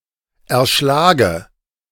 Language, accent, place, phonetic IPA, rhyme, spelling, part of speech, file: German, Germany, Berlin, [ɛɐ̯ˈʃlaːɡə], -aːɡə, erschlage, verb, De-erschlage.ogg
- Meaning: inflection of erschlagen: 1. first-person singular present 2. first/third-person singular subjunctive I 3. singular imperative